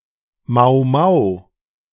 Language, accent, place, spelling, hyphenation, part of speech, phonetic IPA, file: German, Germany, Berlin, Mau-Mau, Mau-‧Mau, noun, [maʊ̯ˈmaʊ̯], De-Mau-Mau.ogg
- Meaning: Mau Mau (card game)